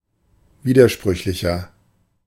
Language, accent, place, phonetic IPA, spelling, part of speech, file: German, Germany, Berlin, [ˈviːdɐˌʃpʁʏçlɪçɐ], widersprüchlicher, adjective, De-widersprüchlicher.ogg
- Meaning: 1. comparative degree of widersprüchlich 2. inflection of widersprüchlich: strong/mixed nominative masculine singular 3. inflection of widersprüchlich: strong genitive/dative feminine singular